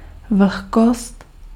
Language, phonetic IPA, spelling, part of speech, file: Czech, [ˈvl̩xkost], vlhkost, noun, Cs-vlhkost.ogg
- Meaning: humidity